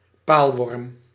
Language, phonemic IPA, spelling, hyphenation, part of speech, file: Dutch, /ˈpaːl.ʋɔrm/, paalworm, paal‧worm, noun, Nl-paalworm.ogg
- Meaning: shipworm (Teredo navalis)